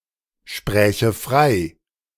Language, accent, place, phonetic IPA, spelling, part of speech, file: German, Germany, Berlin, [ˌʃpʁɛːçə ˈfʁaɪ̯], spräche frei, verb, De-spräche frei.ogg
- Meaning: first/third-person singular subjunctive II of freisprechen